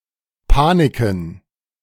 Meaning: plural of Panik
- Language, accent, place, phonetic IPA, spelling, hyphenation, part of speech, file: German, Germany, Berlin, [ˈpaˌnɪkn̩], Paniken, Pa‧ni‧ken, noun, De-Paniken.ogg